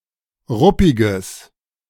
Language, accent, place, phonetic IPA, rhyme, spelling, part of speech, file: German, Germany, Berlin, [ˈʁʊpɪɡəs], -ʊpɪɡəs, ruppiges, adjective, De-ruppiges.ogg
- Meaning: strong/mixed nominative/accusative neuter singular of ruppig